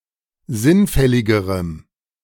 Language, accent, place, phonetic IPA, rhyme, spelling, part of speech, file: German, Germany, Berlin, [ˈzɪnˌfɛlɪɡəʁəm], -ɪnfɛlɪɡəʁəm, sinnfälligerem, adjective, De-sinnfälligerem.ogg
- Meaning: strong dative masculine/neuter singular comparative degree of sinnfällig